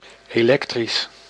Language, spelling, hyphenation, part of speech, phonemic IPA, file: Dutch, elektrisch, elek‧trisch, adjective, /ˌeːˈlɛk.tris/, Nl-elektrisch.ogg
- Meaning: electric